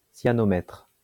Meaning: cyanometer
- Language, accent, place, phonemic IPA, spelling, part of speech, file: French, France, Lyon, /sja.nɔ.mɛtʁ/, cyanomètre, noun, LL-Q150 (fra)-cyanomètre.wav